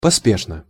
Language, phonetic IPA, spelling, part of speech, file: Russian, [pɐˈspʲeʂnə], поспешно, adverb, Ru-поспешно.ogg
- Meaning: hastily (in a hasty manner)